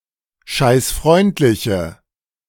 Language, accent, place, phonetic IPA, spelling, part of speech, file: German, Germany, Berlin, [ʃaɪ̯sˈfʁɔɪ̯ntlɪçə], scheißfreundliche, adjective, De-scheißfreundliche.ogg
- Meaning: inflection of scheißfreundlich: 1. strong/mixed nominative/accusative feminine singular 2. strong nominative/accusative plural 3. weak nominative all-gender singular